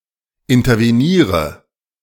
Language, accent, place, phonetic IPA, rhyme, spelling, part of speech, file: German, Germany, Berlin, [ɪntɐveˈniːʁə], -iːʁə, interveniere, verb, De-interveniere.ogg
- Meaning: inflection of intervenieren: 1. first-person singular present 2. first/third-person singular subjunctive I 3. singular imperative